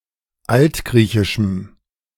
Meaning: strong dative masculine/neuter singular of altgriechisch
- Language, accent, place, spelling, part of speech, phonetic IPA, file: German, Germany, Berlin, altgriechischem, adjective, [ˈaltˌɡʁiːçɪʃm̩], De-altgriechischem.ogg